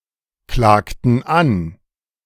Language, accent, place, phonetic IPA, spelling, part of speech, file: German, Germany, Berlin, [ˌklaːktn̩ ˈan], klagten an, verb, De-klagten an.ogg
- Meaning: inflection of anklagen: 1. first/third-person plural preterite 2. first/third-person plural subjunctive II